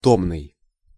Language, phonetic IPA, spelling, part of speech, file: Russian, [ˈtomnɨj], томный, adjective, Ru-томный.ogg
- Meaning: languishing